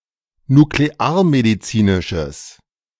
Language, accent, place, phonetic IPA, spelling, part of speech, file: German, Germany, Berlin, [nukleˈaːɐ̯mediˌt͡siːnɪʃəs], nuklearmedizinisches, adjective, De-nuklearmedizinisches.ogg
- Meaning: strong/mixed nominative/accusative neuter singular of nuklearmedizinisch